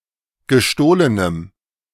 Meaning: strong dative masculine/neuter singular of gestohlen
- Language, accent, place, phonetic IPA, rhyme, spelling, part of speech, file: German, Germany, Berlin, [ɡəˈʃtoːlənəm], -oːlənəm, gestohlenem, adjective, De-gestohlenem.ogg